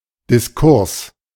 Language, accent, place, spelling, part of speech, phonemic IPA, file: German, Germany, Berlin, Diskurs, noun, /dɪsˈkʊʁs/, De-Diskurs.ogg
- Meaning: discourse (verbal exchange or conversation)